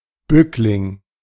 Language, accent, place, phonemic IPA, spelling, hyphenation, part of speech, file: German, Germany, Berlin, /ˈbʏklɪŋ/, Bückling, Bück‧ling, noun, De-Bückling.ogg
- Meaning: 1. red herring (smoke-cured herring) 2. bow 3. bootlicker; coward